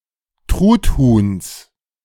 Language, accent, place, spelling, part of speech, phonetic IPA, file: German, Germany, Berlin, Truthuhns, noun, [ˈtʁutˌhuːns], De-Truthuhns.ogg
- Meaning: genitive of Truthuhn